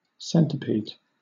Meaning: 1. Any arthropod of class Chilopoda, which have a segmented body with one pair of legs per segment and from about 20 to 300 legs in total 2. A many-oared Chinese smuggling boat
- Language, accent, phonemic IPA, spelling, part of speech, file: English, Southern England, /ˈsɛn.tɪ.pid/, centipede, noun, LL-Q1860 (eng)-centipede.wav